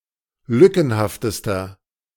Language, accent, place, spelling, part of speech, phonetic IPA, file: German, Germany, Berlin, lückenhaftester, adjective, [ˈlʏkn̩haftəstɐ], De-lückenhaftester.ogg
- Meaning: inflection of lückenhaft: 1. strong/mixed nominative masculine singular superlative degree 2. strong genitive/dative feminine singular superlative degree 3. strong genitive plural superlative degree